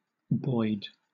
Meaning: 1. A Scottish and Irish surname from Scottish Gaelic 2. A male given name transferred from the surname
- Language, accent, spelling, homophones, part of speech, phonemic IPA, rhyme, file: English, Southern England, Boyd, boid, proper noun, /bɔɪd/, -ɔɪd, LL-Q1860 (eng)-Boyd.wav